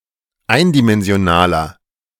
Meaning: inflection of eindimensional: 1. strong/mixed nominative masculine singular 2. strong genitive/dative feminine singular 3. strong genitive plural
- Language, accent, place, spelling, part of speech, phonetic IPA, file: German, Germany, Berlin, eindimensionaler, adjective, [ˈaɪ̯ndimɛnzi̯oˌnaːlɐ], De-eindimensionaler.ogg